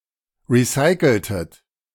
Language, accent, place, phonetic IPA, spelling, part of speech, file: German, Germany, Berlin, [ˌʁiˈsaɪ̯kl̩tət], recyceltet, verb, De-recyceltet.ogg
- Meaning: inflection of recyceln: 1. second-person plural preterite 2. second-person plural subjunctive II